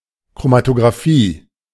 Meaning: chromatography
- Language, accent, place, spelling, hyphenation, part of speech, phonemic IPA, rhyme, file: German, Germany, Berlin, Chromatographie, Chro‧ma‧to‧gra‧phie, noun, /kʁomatoɡʁaˈfiː/, -iː, De-Chromatographie.ogg